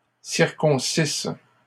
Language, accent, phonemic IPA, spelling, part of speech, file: French, Canada, /siʁ.kɔ̃.sis/, circoncisses, verb, LL-Q150 (fra)-circoncisses.wav
- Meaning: second-person singular imperfect subjunctive of circoncire